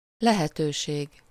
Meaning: 1. chance (an opportunity or possibility) 2. possibility 3. option
- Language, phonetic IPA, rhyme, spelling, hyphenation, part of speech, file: Hungarian, [ˈlɛhɛtøːʃeːɡ], -eːɡ, lehetőség, le‧he‧tő‧ség, noun, Hu-lehetőség.ogg